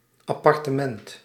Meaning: an apartment
- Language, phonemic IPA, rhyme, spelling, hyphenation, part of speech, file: Dutch, /ɑˌpɑrtəˈmɛnt/, -ɛnt, appartement, ap‧par‧te‧ment, noun, Nl-appartement.ogg